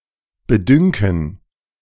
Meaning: to seem
- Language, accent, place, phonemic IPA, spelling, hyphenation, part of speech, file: German, Germany, Berlin, /bəˈdʏŋkn̩/, bedünken, be‧dün‧ken, verb, De-bedünken.ogg